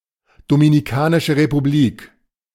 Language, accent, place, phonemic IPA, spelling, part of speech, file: German, Germany, Berlin, /dominiˌkaːnɪʃə ʁepuˈblik/, Dominikanische Republik, proper noun, De-Dominikanische Republik.ogg
- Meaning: Dominican Republic (a country in the Caribbean)